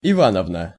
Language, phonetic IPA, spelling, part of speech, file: Russian, [ɪˈvanəvnə], Ивановна, proper noun, Ru-Ивановна.ogg
- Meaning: a female patronymic, Ivanovna